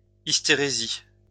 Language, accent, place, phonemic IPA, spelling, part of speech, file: French, France, Lyon, /is.te.ʁe.zis/, hystérésis, noun, LL-Q150 (fra)-hystérésis.wav
- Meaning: hysteresis (a property of a system)